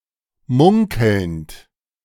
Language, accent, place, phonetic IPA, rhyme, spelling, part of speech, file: German, Germany, Berlin, [ˈmʊŋkl̩nt], -ʊŋkl̩nt, munkelnd, verb, De-munkelnd.ogg
- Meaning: present participle of munkeln